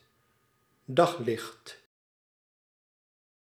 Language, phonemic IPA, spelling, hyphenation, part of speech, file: Dutch, /ˈdɑxlɪxt/, daglicht, dag‧licht, noun, Nl-daglicht.ogg
- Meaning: daylight